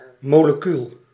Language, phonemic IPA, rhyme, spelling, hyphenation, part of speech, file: Dutch, /ˌmoː.ləˈkyl/, -yl, molecuul, mo‧le‧cuul, noun, Nl-molecuul.ogg
- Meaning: a molecule, group of atoms held together by chemical bonds, the smallest natural unit of any given substance